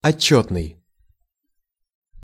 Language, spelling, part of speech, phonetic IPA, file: Russian, отчётный, adjective, [ɐˈt͡ɕːɵtnɨj], Ru-отчётный.ogg
- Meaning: report, reported